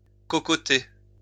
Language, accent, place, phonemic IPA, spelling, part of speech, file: French, France, Lyon, /kɔ.kɔ.te/, cocotter, verb, LL-Q150 (fra)-cocotter.wav
- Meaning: to yap, jabber, blather